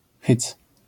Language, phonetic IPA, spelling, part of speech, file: Polish, [xɨt͡s], hyc, interjection / noun, LL-Q809 (pol)-hyc.wav